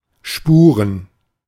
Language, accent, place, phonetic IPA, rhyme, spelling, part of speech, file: German, Germany, Berlin, [ˈʃpuːʁən], -uːʁən, Spuren, noun, De-Spuren.ogg
- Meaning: plural of Spur